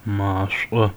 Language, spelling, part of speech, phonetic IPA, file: Adyghe, машӏо, noun, [maːʃʷʼa], Maːʃʷʼa.ogg
- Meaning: fire